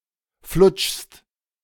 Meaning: second-person singular present of flutschen
- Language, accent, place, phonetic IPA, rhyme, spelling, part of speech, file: German, Germany, Berlin, [flʊt͡ʃst], -ʊt͡ʃst, flutschst, verb, De-flutschst.ogg